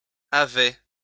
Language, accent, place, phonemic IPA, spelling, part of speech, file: French, France, Lyon, /a.vɛ/, avait, verb, LL-Q150 (fra)-avait.wav
- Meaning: third-person singular imperfect indicative of avoir